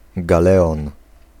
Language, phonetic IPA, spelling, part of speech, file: Polish, [ɡaˈlɛɔ̃n], galeon, noun, Pl-galeon.ogg